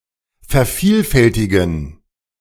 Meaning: to duplicate, to copy, to reproduce
- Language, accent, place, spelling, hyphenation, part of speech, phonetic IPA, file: German, Germany, Berlin, vervielfältigen, ver‧viel‧fäl‧ti‧gen, verb, [fɛɐ̯ˈfiːlˌfɛltɪɡn̩], De-vervielfältigen.ogg